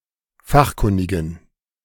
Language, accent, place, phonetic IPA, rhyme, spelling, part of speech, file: German, Germany, Berlin, [ˈfaxˌkʊndɪɡn̩], -axkʊndɪɡn̩, fachkundigen, adjective, De-fachkundigen.ogg
- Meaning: inflection of fachkundig: 1. strong genitive masculine/neuter singular 2. weak/mixed genitive/dative all-gender singular 3. strong/weak/mixed accusative masculine singular 4. strong dative plural